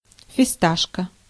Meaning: pistachio (nut)
- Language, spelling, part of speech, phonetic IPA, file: Russian, фисташка, noun, [fʲɪˈstaʂkə], Ru-фисташка.ogg